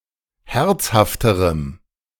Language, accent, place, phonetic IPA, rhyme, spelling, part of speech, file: German, Germany, Berlin, [ˈhɛʁt͡shaftəʁəm], -ɛʁt͡shaftəʁəm, herzhafterem, adjective, De-herzhafterem.ogg
- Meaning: strong dative masculine/neuter singular comparative degree of herzhaft